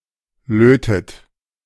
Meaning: inflection of löten: 1. third-person singular present 2. second-person plural present 3. plural imperative 4. second-person plural subjunctive I
- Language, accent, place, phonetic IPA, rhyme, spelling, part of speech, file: German, Germany, Berlin, [ˈløːtət], -øːtət, lötet, verb, De-lötet.ogg